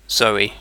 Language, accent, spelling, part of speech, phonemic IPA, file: English, UK, Zoe, proper noun, /ˈzəʊ.i/, En-uk-Zoe.ogg
- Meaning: A female given name from Ancient Greek, of common usage, variant of Zoë